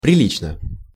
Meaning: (adverb) 1. decently, properly 2. quite, rather; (adjective) short neuter singular of прили́чный (prilíčnyj)
- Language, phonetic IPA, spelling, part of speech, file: Russian, [prʲɪˈlʲit͡ɕnə], прилично, adverb / adjective, Ru-прилично.ogg